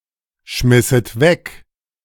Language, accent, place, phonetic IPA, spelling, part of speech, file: German, Germany, Berlin, [ˌʃmɪsət ˈvɛk], schmisset weg, verb, De-schmisset weg.ogg
- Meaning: second-person plural subjunctive II of wegschmeißen